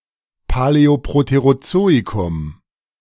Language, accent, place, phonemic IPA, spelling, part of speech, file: German, Germany, Berlin, /paˌlɛoˌpʁoteʁoˈtsoːikʊm/, Paläoproterozoikum, proper noun, De-Paläoproterozoikum.ogg
- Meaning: the Paleoproterozoic